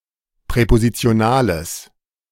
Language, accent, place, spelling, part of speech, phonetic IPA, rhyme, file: German, Germany, Berlin, präpositionales, adjective, [pʁɛpozit͡si̯oˈnaːləs], -aːləs, De-präpositionales.ogg
- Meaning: strong/mixed nominative/accusative neuter singular of präpositional